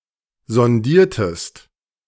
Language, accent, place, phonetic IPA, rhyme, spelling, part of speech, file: German, Germany, Berlin, [zɔnˈdiːɐ̯təst], -iːɐ̯təst, sondiertest, verb, De-sondiertest.ogg
- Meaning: inflection of sondieren: 1. second-person singular preterite 2. second-person singular subjunctive II